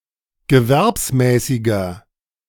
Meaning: inflection of gewerbsmäßig: 1. strong/mixed nominative masculine singular 2. strong genitive/dative feminine singular 3. strong genitive plural
- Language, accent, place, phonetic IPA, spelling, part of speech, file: German, Germany, Berlin, [ɡəˈvɛʁpsˌmɛːsɪɡɐ], gewerbsmäßiger, adjective, De-gewerbsmäßiger.ogg